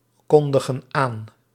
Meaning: inflection of aankondigen: 1. plural present indicative 2. plural present subjunctive
- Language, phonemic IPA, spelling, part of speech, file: Dutch, /ˈkɔndəɣə(n) ˈan/, kondigen aan, verb, Nl-kondigen aan.ogg